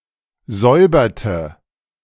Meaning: inflection of säubern: 1. first/third-person singular preterite 2. first/third-person singular subjunctive II
- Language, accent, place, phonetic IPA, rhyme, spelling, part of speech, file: German, Germany, Berlin, [ˈzɔɪ̯bɐtə], -ɔɪ̯bɐtə, säuberte, verb, De-säuberte.ogg